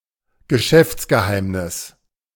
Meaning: trade secret
- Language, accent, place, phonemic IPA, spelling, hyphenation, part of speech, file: German, Germany, Berlin, /ɡəˈʃɛft͡sɡəˌhaɪ̯mnɪs/, Geschäftsgeheimnis, Ge‧schäfts‧ge‧heim‧nis, noun, De-Geschäftsgeheimnis.ogg